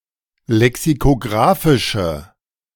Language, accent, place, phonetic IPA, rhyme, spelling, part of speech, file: German, Germany, Berlin, [lɛksikoˈɡʁaːfɪʃə], -aːfɪʃə, lexikographische, adjective, De-lexikographische.ogg
- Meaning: inflection of lexikographisch: 1. strong/mixed nominative/accusative feminine singular 2. strong nominative/accusative plural 3. weak nominative all-gender singular